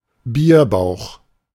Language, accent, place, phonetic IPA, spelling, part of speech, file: German, Germany, Berlin, [ˈbiːɐ̯ˌbaʊ̯x], Bierbauch, noun, De-Bierbauch.ogg
- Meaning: beer belly